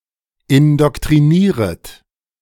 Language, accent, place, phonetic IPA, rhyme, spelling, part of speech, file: German, Germany, Berlin, [ɪndɔktʁiˈniːʁət], -iːʁət, indoktrinieret, verb, De-indoktrinieret.ogg
- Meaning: second-person plural subjunctive I of indoktrinieren